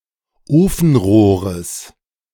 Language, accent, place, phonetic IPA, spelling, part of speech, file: German, Germany, Berlin, [ˈoːfn̩ˌʁoːʁəs], Ofenrohres, noun, De-Ofenrohres.ogg
- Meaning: genitive singular of Ofenrohr